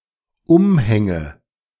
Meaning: nominative/accusative/genitive plural of Umhang
- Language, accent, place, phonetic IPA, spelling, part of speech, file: German, Germany, Berlin, [ˈʊmˌhɛŋə], Umhänge, noun, De-Umhänge.ogg